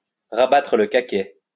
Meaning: to shut (someone) up; to pull (someone) down a peg, to put (someone) in their place
- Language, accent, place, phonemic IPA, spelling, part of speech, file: French, France, Lyon, /ʁa.ba.tʁə l(ə) ka.kɛ/, rabattre le caquet, verb, LL-Q150 (fra)-rabattre le caquet.wav